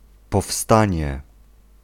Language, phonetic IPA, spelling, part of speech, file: Polish, [pɔˈfstãɲɛ], powstanie, noun, Pl-powstanie.ogg